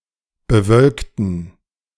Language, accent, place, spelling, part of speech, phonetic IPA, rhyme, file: German, Germany, Berlin, bewölkten, adjective / verb, [bəˈvœlktn̩], -œlktn̩, De-bewölkten.ogg
- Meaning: inflection of bewölkt: 1. strong genitive masculine/neuter singular 2. weak/mixed genitive/dative all-gender singular 3. strong/weak/mixed accusative masculine singular 4. strong dative plural